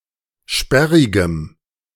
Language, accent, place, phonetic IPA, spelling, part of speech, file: German, Germany, Berlin, [ˈʃpɛʁɪɡəm], sperrigem, adjective, De-sperrigem.ogg
- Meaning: strong dative masculine/neuter singular of sperrig